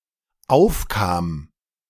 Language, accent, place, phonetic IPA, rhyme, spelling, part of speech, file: German, Germany, Berlin, [ˈaʊ̯fˌkaːm], -aʊ̯fkaːm, aufkam, verb, De-aufkam.ogg
- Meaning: first/third-person singular dependent preterite of aufkommen